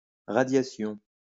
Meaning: radiation (all meanings)
- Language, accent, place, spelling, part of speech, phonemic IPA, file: French, France, Lyon, radiation, noun, /ʁa.dja.sjɔ̃/, LL-Q150 (fra)-radiation.wav